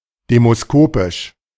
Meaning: public opinion polling
- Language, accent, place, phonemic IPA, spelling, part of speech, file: German, Germany, Berlin, /ˌdeːmosˈkoːpɪʃ/, demoskopisch, adjective, De-demoskopisch.ogg